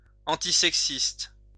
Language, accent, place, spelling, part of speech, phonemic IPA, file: French, France, Lyon, antisexiste, adjective, /ɑ̃.ti.sɛk.sist/, LL-Q150 (fra)-antisexiste.wav
- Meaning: antisexist